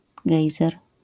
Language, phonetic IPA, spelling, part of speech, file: Polish, [ˈɡɛjzɛr], gejzer, noun, LL-Q809 (pol)-gejzer.wav